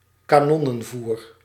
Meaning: cannonfodder
- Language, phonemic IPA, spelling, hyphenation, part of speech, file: Dutch, /kaːˈnɔ.nə(n)ˌvur/, kanonnenvoer, ka‧non‧nen‧voer, noun, Nl-kanonnenvoer.ogg